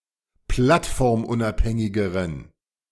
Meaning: inflection of plattformunabhängig: 1. strong genitive masculine/neuter singular comparative degree 2. weak/mixed genitive/dative all-gender singular comparative degree
- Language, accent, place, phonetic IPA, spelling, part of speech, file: German, Germany, Berlin, [ˈplatfɔʁmˌʔʊnʔaphɛŋɪɡəʁən], plattformunabhängigeren, adjective, De-plattformunabhängigeren.ogg